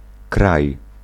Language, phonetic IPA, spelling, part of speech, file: Polish, [kraj], kraj, noun / verb, Pl-kraj.ogg